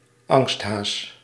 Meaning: a person who is easily scared, scaredy-cat
- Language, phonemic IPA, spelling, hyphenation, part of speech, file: Dutch, /ˈɑŋst.ɦaːs/, angsthaas, angst‧haas, noun, Nl-angsthaas.ogg